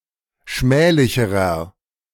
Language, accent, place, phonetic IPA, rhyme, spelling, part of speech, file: German, Germany, Berlin, [ˈʃmɛːlɪçəʁɐ], -ɛːlɪçəʁɐ, schmählicherer, adjective, De-schmählicherer.ogg
- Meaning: inflection of schmählich: 1. strong/mixed nominative masculine singular comparative degree 2. strong genitive/dative feminine singular comparative degree 3. strong genitive plural comparative degree